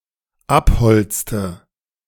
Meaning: inflection of abholzen: 1. first/third-person singular dependent preterite 2. first/third-person singular dependent subjunctive II
- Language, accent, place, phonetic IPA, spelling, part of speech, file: German, Germany, Berlin, [ˈapˌhɔlt͡stə], abholzte, verb, De-abholzte.ogg